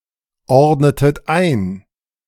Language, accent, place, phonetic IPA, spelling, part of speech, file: German, Germany, Berlin, [ˌɔʁdnətət ˈaɪ̯n], ordnetet ein, verb, De-ordnetet ein.ogg
- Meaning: inflection of einordnen: 1. second-person plural preterite 2. second-person plural subjunctive II